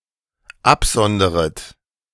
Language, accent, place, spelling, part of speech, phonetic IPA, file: German, Germany, Berlin, absonderet, verb, [ˈapˌzɔndəʁət], De-absonderet.ogg
- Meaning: second-person plural dependent subjunctive I of absondern